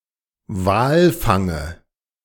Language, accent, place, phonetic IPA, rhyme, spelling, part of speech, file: German, Germany, Berlin, [ˈvaːlˌfaŋə], -aːlfaŋə, Walfange, noun, De-Walfange.ogg
- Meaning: dative of Walfang